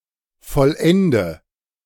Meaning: inflection of vollenden: 1. first-person singular present 2. first/third-person singular subjunctive I 3. singular imperative
- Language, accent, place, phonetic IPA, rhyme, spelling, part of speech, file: German, Germany, Berlin, [fɔlˈʔɛndə], -ɛndə, vollende, verb, De-vollende.ogg